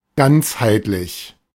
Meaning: 1. integral, integrated 2. holistic
- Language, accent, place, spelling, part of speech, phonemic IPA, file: German, Germany, Berlin, ganzheitlich, adjective, /ˈɡant͡shaɪ̯tlɪç/, De-ganzheitlich.ogg